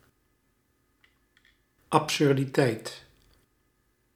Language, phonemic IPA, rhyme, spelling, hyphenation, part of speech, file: Dutch, /ˌɑp.sʏr.diˈtɛi̯t/, -ɛi̯t, absurditeit, ab‧sur‧di‧teit, noun, Nl-absurditeit.ogg
- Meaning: absurdity